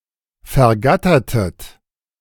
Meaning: inflection of vergattern: 1. second-person plural preterite 2. second-person plural subjunctive II
- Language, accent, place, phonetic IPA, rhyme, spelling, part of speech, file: German, Germany, Berlin, [fɛɐ̯ˈɡatɐtət], -atɐtət, vergattertet, verb, De-vergattertet.ogg